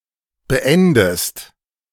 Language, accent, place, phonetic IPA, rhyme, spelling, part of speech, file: German, Germany, Berlin, [bəˈʔɛndəst], -ɛndəst, beendest, verb, De-beendest.ogg
- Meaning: inflection of beenden: 1. second-person singular present 2. second-person singular subjunctive I